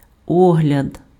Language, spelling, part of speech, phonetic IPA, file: Ukrainian, огляд, noun, [ˈɔɦlʲɐd], Uk-огляд.ogg
- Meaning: 1. examination 2. inspection, review 3. survey, review 4. viewing